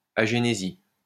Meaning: agenesis
- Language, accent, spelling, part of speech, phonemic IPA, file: French, France, agénésie, noun, /a.ʒe.ne.zi/, LL-Q150 (fra)-agénésie.wav